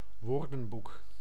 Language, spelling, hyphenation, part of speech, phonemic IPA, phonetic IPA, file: Dutch, woordenboek, woor‧den‧boek, noun, /ˈʋoːrdə(n)ˌbuk/, [ˈʋʊːrdə(n)ˌbuk], Nl-woordenboek.ogg
- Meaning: dictionary